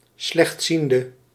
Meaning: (noun) a visually impaired person; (adjective) inflection of slechtziend: 1. indefinite masculine and feminine singular 2. indefinite plural 3. definite
- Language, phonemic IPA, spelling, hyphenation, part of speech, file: Dutch, /ˌslɛxtˈsin.də/, slechtziende, slecht‧zien‧de, noun / adjective, Nl-slechtziende.ogg